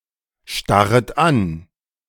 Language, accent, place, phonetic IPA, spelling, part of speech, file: German, Germany, Berlin, [ˌʃtaʁət ˈan], starret an, verb, De-starret an.ogg
- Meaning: second-person plural subjunctive I of anstarren